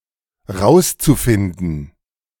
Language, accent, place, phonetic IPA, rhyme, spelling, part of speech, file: German, Germany, Berlin, [ˈʁaʊ̯st͡suˌfɪndn̩], -aʊ̯st͡sufɪndn̩, rauszufinden, verb, De-rauszufinden.ogg
- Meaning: zu-infinitive of rausfinden